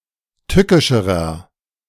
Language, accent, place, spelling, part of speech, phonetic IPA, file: German, Germany, Berlin, tückischerer, adjective, [ˈtʏkɪʃəʁɐ], De-tückischerer.ogg
- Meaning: inflection of tückisch: 1. strong/mixed nominative masculine singular comparative degree 2. strong genitive/dative feminine singular comparative degree 3. strong genitive plural comparative degree